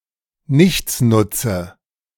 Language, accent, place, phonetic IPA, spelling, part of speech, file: German, Germany, Berlin, [ˈnɪçt͡snʊt͡sə], Nichtsnutze, noun, De-Nichtsnutze.ogg
- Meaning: nominative/accusative/genitive plural of Nichtsnutz